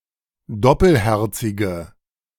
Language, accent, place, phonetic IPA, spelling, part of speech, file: German, Germany, Berlin, [ˈdɔpəlˌhɛʁt͡sɪɡə], doppelherzige, adjective, De-doppelherzige.ogg
- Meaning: inflection of doppelherzig: 1. strong/mixed nominative/accusative feminine singular 2. strong nominative/accusative plural 3. weak nominative all-gender singular